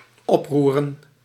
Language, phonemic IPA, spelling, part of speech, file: Dutch, /ˈɔpˌru.rə(n)/, oproeren, verb / noun, Nl-oproeren.ogg
- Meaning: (verb) to stir up; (noun) plural of oproer